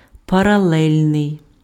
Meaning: parallel
- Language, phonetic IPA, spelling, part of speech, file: Ukrainian, [pɐrɐˈɫɛlʲnei̯], паралельний, adjective, Uk-паралельний.ogg